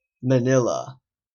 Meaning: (proper noun) 1. The capital city of the Philippines; the regional capital of Metro Manila, in the island of Luzon 2. Metro Manila, the National Capital Region (NCR) 3. the entirety of Luzon
- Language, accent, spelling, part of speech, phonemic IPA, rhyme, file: English, Canada, Manila, proper noun / noun, /məˈnɪl.ə/, -ɪlə, En-ca-Manila.oga